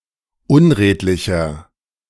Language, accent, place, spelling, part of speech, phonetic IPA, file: German, Germany, Berlin, unredlicher, adjective, [ˈʊnˌʁeːtlɪçɐ], De-unredlicher.ogg
- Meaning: 1. comparative degree of unredlich 2. inflection of unredlich: strong/mixed nominative masculine singular 3. inflection of unredlich: strong genitive/dative feminine singular